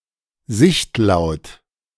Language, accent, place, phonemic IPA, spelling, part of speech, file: German, Germany, Berlin, /ˈzɪçtˌlaʊ̯t/, sichtlaut, adjective, De-sichtlaut.ogg
- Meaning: barking such that its position is known